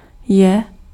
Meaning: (pronoun) accusative of oni /ony /ona; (verb) third-person singular present indicative of být
- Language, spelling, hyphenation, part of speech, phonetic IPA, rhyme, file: Czech, je, je, pronoun / verb, [ˈjɛ], -ɛ, Cs-je.ogg